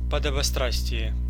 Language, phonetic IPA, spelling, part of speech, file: Russian, [pədəbɐˈstrasʲtʲɪje], подобострастие, noun, Ru-подобострастие.ogg
- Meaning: servility, obsequiousness, subservience